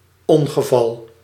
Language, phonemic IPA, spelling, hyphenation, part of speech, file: Dutch, /ˈɔn.ɣəˌvɑl/, ongeval, on‧ge‧val, noun, Nl-ongeval.ogg
- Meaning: accident